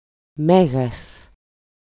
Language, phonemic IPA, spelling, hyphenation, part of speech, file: Greek, /ˈme.ɣas/, μέγας, μέ‧γας, adjective, EL-μέγας.ogg
- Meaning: 1. great, very important 2. with capital M → Μέγας (Mégas)